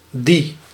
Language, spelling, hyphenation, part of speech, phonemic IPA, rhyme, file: Dutch, die, die, determiner / pronoun, /di/, -i, Nl-die.ogg
- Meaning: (determiner) 1. that; referring to a thing or a person further away 2. those; referring to things or people further away